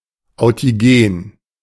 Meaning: authigenic
- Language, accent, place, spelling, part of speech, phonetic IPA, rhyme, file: German, Germany, Berlin, authigen, adjective, [aʊ̯tiˈɡeːn], -eːn, De-authigen.ogg